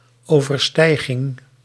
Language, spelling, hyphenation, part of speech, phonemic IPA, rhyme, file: Dutch, overstijging, over‧stij‧ging, noun, /ˌoː.vərˈstɛi̯.ɣɪŋ/, -ɛi̯ɣɪŋ, Nl-overstijging.ogg
- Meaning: transcendence